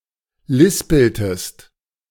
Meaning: inflection of lispeln: 1. second-person singular preterite 2. second-person singular subjunctive II
- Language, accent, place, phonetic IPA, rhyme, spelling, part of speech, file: German, Germany, Berlin, [ˈlɪspl̩təst], -ɪspl̩təst, lispeltest, verb, De-lispeltest.ogg